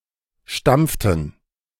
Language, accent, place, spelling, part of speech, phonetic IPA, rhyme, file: German, Germany, Berlin, stampften, verb, [ˈʃtamp͡ftn̩], -amp͡ftn̩, De-stampften.ogg
- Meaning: inflection of stampfen: 1. first/third-person plural preterite 2. first/third-person plural subjunctive II